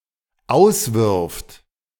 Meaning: third-person singular dependent present of auswerfen
- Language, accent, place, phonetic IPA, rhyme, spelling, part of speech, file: German, Germany, Berlin, [ˈaʊ̯sˌvɪʁft], -aʊ̯svɪʁft, auswirft, verb, De-auswirft.ogg